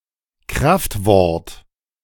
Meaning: swear word
- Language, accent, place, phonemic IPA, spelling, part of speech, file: German, Germany, Berlin, /ˈkʁaftˌvɔʁt/, Kraftwort, noun, De-Kraftwort.ogg